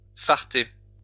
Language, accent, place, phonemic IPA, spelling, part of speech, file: French, France, Lyon, /faʁ.te/, farter, verb, LL-Q150 (fra)-farter.wav
- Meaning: 1. to wax skis 2. informal greeting, made popular by movie Brice de Nice